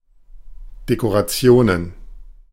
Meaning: plural of Dekoration
- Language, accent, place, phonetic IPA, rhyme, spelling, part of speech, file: German, Germany, Berlin, [dekoʁaˈt͡si̯oːnən], -oːnən, Dekorationen, noun, De-Dekorationen.ogg